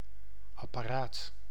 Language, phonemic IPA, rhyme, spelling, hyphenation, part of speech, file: Dutch, /ˌɑ.paːˈraːt/, -aːt, apparaat, ap‧pa‧raat, noun, Nl-apparaat.ogg
- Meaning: 1. apparatus, device 2. apparatus, staff who work directly on maintaining operations; in particular those of a bureaucracy